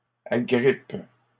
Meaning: second-person singular present indicative/subjunctive of agripper
- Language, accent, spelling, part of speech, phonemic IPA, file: French, Canada, agrippes, verb, /a.ɡʁip/, LL-Q150 (fra)-agrippes.wav